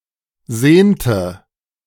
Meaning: inflection of sehnen: 1. first/third-person singular preterite 2. first/third-person singular subjunctive II
- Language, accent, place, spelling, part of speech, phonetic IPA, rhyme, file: German, Germany, Berlin, sehnte, verb, [ˈzeːntə], -eːntə, De-sehnte.ogg